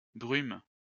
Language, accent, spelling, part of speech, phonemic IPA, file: French, France, brumes, noun, /bʁym/, LL-Q150 (fra)-brumes.wav
- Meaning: plural of brume